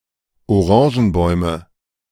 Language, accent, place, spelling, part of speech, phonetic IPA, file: German, Germany, Berlin, Orangenbäume, noun, [oˈʁɑ̃ːʒn̩ˌbɔɪ̯mə], De-Orangenbäume.ogg
- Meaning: nominative/accusative/genitive plural of Orangenbaum